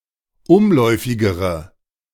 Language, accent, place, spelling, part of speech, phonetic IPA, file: German, Germany, Berlin, umläufigere, adjective, [ˈʊmˌlɔɪ̯fɪɡəʁə], De-umläufigere.ogg
- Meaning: inflection of umläufig: 1. strong/mixed nominative/accusative feminine singular comparative degree 2. strong nominative/accusative plural comparative degree